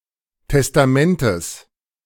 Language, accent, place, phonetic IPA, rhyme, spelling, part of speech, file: German, Germany, Berlin, [tɛstaˈmɛntəs], -ɛntəs, Testamentes, noun, De-Testamentes.ogg
- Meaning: genitive of Testament